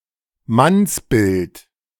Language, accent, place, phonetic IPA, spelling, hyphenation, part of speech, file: German, Germany, Berlin, [ˈmansˌbɪlt], Mannsbild, Manns‧bild, noun, De-Mannsbild.ogg
- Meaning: man, male (often with the connotation of being strong, handsome or manly)